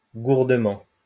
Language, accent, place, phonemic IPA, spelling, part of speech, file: French, France, Lyon, /ɡuʁ.də.mɑ̃/, gourdement, adverb, LL-Q150 (fra)-gourdement.wav
- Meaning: 1. numbly 2. maladroitly